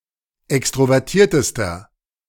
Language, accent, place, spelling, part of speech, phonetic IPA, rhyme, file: German, Germany, Berlin, extrovertiertester, adjective, [ˌɛkstʁovɛʁˈtiːɐ̯təstɐ], -iːɐ̯təstɐ, De-extrovertiertester.ogg
- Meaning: inflection of extrovertiert: 1. strong/mixed nominative masculine singular superlative degree 2. strong genitive/dative feminine singular superlative degree